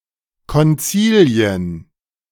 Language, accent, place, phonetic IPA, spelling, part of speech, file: German, Germany, Berlin, [kɔnˈt͡siːljən], Konzilien, noun, De-Konzilien.ogg
- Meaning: plural of Konzil